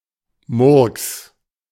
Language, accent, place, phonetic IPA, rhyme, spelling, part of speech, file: German, Germany, Berlin, [mʊʁks], -ʊʁks, Murks, noun, De-Murks.ogg
- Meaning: botch, bodge (the result of badly-done work, often to the point of being completely dysfunctional)